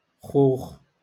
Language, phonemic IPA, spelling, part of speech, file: Moroccan Arabic, /xuːx/, خوخ, noun, LL-Q56426 (ary)-خوخ.wav
- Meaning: peaches